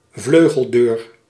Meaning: 1. a pair of double doors without a doorpost between the two 2. a car door that opens vertically
- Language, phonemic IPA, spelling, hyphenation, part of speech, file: Dutch, /ˈvløː.ɣəlˌdøːr/, vleugeldeur, vleu‧gel‧deur, noun, Nl-vleugeldeur.ogg